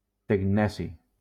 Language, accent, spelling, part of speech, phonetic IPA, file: Catalan, Valencia, tecneci, noun, [teŋˈnɛ.si], LL-Q7026 (cat)-tecneci.wav
- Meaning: technetium